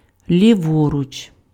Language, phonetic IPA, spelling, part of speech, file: Ukrainian, [lʲiˈwɔrʊt͡ʃ], ліворуч, adverb, Uk-ліворуч.ogg
- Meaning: on the left, to the left